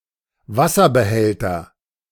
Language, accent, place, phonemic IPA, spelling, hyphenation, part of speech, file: German, Germany, Berlin, /ˈvasɐbəˌhɛltɐ/, Wasserbehälter, Was‧ser‧be‧häl‧ter, noun, De-Wasserbehälter.ogg
- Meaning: water container, water tank, water reservoir